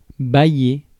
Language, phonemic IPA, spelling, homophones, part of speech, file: French, /ba.je/, bailler, baillai / baillé / baillée / baillées / baillés / bâillai / bâillé / bâillée / bâillées / bâiller / bâillés, verb, Fr-bailler.ogg
- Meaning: 1. to give 2. to lend 3. to rent, lease